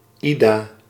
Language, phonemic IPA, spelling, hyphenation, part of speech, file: Dutch, /ˈi.daː/, Ida, Ida, proper noun, Nl-Ida.ogg
- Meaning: a female given name